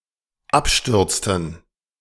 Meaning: inflection of abstürzen: 1. first/third-person plural dependent preterite 2. first/third-person plural dependent subjunctive II
- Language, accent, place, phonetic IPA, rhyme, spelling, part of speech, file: German, Germany, Berlin, [ˈapˌʃtʏʁt͡stn̩], -apʃtʏʁt͡stn̩, abstürzten, verb, De-abstürzten.ogg